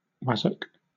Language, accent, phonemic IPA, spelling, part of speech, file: English, Southern England, /ˈwazək/, wazzock, noun, LL-Q1860 (eng)-wazzock.wav
- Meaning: A stupid or annoying person